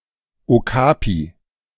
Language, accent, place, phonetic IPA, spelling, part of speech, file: German, Germany, Berlin, [oˈkaːpi], Okapi, noun, De-Okapi.ogg
- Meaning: okapi (Okapia johnstoni; mammal in tropical Africa)